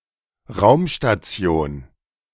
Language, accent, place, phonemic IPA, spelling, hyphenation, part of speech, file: German, Germany, Berlin, /ˈʁaʊ̯mʃtat͡si̯oːn/, Raumstation, Raum‧sta‧ti‧on, noun, De-Raumstation.ogg
- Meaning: space station